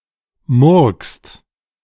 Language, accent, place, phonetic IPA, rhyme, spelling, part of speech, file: German, Germany, Berlin, [mʊʁkst], -ʊʁkst, murkst, verb, De-murkst.ogg
- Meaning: inflection of murksen: 1. second-person singular/plural present 2. third-person singular present 3. plural imperative